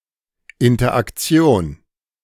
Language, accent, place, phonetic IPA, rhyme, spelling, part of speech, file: German, Germany, Berlin, [ɪntɐʔakˈt͡si̯oːn], -oːn, Interaktion, noun, De-Interaktion.ogg
- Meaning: interaction